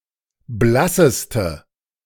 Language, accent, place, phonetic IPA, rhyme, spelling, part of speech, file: German, Germany, Berlin, [ˈblasəstə], -asəstə, blasseste, adjective, De-blasseste.ogg
- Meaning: inflection of blass: 1. strong/mixed nominative/accusative feminine singular superlative degree 2. strong nominative/accusative plural superlative degree